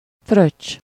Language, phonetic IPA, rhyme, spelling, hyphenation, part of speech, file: Hungarian, [ˈfrøt͡ʃː], -øt͡ʃː, fröccs, fröccs, noun, Hu-fröccs.ogg
- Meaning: spritzer (drink made by mixing wine (either red or white) with soda water (carbonated water))